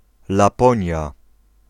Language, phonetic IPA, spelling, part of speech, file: Polish, [laˈpɔ̃ɲja], Laponia, proper noun, Pl-Laponia.ogg